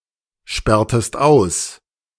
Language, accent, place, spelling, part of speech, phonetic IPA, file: German, Germany, Berlin, sperrtest aus, verb, [ˌʃpɛʁtəst ˈaʊ̯s], De-sperrtest aus.ogg
- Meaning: inflection of aussperren: 1. second-person singular preterite 2. second-person singular subjunctive II